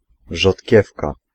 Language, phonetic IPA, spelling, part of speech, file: Polish, [ʒɔtʲˈcɛfka], rzodkiewka, noun, Pl-rzodkiewka.ogg